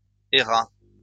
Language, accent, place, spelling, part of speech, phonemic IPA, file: French, France, Lyon, erra, verb, /e.ʁa/, LL-Q150 (fra)-erra.wav
- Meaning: third-person singular past historic of errer